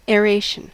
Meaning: The process by which air is circulated through or mixed with a substance such as soil or a liquid
- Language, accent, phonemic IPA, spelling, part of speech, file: English, US, /ɛːˈɹeɪʃ(ə)n/, aeration, noun, En-us-aeration.ogg